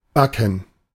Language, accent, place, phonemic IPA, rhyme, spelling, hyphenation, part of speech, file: German, Germany, Berlin, /ˈbakən/, -akən, backen, ba‧cken, verb, De-backen.ogg
- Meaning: 1. to bake; to roast 2. to fry 3. to fire 4. to stick together; to cake 5. to stick (something to something else)